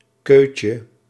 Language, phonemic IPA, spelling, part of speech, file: Dutch, /ˈkøcə/, keutje, noun, Nl-keutje.ogg
- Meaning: diminutive of keu